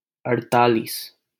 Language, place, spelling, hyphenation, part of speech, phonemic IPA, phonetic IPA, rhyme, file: Hindi, Delhi, अड़तालीस, अड़‧ता‧लीस, numeral, /əɽ.t̪ɑː.liːs/, [ɐɽ.t̪äː.liːs], -iːs, LL-Q1568 (hin)-अड़तालीस.wav
- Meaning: forty-eight